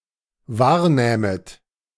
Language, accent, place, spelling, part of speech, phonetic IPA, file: German, Germany, Berlin, wahrnähmet, verb, [ˈvaːɐ̯ˌnɛːmət], De-wahrnähmet.ogg
- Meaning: second-person plural dependent subjunctive II of wahrnehmen